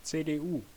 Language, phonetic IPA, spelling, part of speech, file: German, [tseːdeːˈʔuː], CDU, abbreviation, De-CDU.ogg
- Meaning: CDU: initialism of Christlich Demokratische Union Deutschlands (“Christian Democratic Union of Germany”)